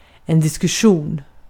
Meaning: argument, discussion
- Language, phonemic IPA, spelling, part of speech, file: Swedish, /dɪskɵˈɧuːn/, diskussion, noun, Sv-diskussion.ogg